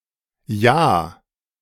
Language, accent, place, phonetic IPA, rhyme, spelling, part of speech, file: German, Germany, Berlin, [jaː], -aː, Ja, noun, De-Ja.ogg
- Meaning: a yes